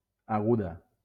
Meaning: feminine singular of agut
- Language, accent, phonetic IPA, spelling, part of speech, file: Catalan, Valencia, [aˈɣu.ða], aguda, adjective, LL-Q7026 (cat)-aguda.wav